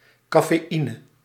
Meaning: caffeine
- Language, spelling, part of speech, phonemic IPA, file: Dutch, cafeïne, noun, /kaː.feːˈi.nə/, Nl-cafeïne.ogg